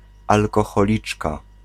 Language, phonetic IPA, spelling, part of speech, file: Polish, [ˌalkɔxɔˈlʲit͡ʃka], alkoholiczka, noun, Pl-alkoholiczka.ogg